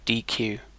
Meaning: To remove an item from a queue
- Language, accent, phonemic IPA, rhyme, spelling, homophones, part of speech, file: English, UK, /ˌdiːˈkjuː/, -uː, dequeue, DQ, verb, En-uk-dequeue.ogg